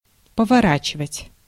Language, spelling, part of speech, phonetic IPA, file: Russian, поворачивать, verb, [pəvɐˈrat͡ɕɪvətʲ], Ru-поворачивать.ogg
- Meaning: 1. to turn, to swing 2. to turn (to change direction of one's motion)